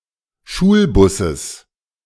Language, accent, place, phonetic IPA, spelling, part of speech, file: German, Germany, Berlin, [ˈʃuːlˌbʊsəs], Schulbusses, noun, De-Schulbusses.ogg
- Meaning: genitive singular of Schulbus